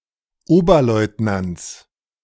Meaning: 1. genitive singular of Oberleutnant 2. plural of Oberleutnant
- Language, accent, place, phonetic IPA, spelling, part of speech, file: German, Germany, Berlin, [ˈoːbɐˌlɔɪ̯tnant͡s], Oberleutnants, noun, De-Oberleutnants.ogg